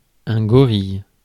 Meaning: gorilla (largest of the apes, belonging to the genus Gorilla, native to the forests of central Africa and known for their trait of knuckle-walking)
- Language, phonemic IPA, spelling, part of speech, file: French, /ɡɔ.ʁij/, gorille, noun, Fr-gorille.ogg